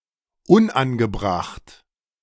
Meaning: inappropriate, unseemly
- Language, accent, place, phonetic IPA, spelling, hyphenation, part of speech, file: German, Germany, Berlin, [ˈʊnanɡəˌbʁaχt], unangebracht, un‧an‧ge‧bracht, adjective, De-unangebracht.ogg